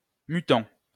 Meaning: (adjective) mutant; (verb) present participle of muter
- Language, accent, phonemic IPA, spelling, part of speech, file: French, France, /my.tɑ̃/, mutant, adjective / verb, LL-Q150 (fra)-mutant.wav